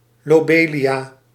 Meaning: lobelia (any plant of the genus Lobelia)
- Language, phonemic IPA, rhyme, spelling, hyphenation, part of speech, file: Dutch, /ˌloːˈbeː.li.aː/, -eːliaː, lobelia, lo‧be‧lia, noun, Nl-lobelia.ogg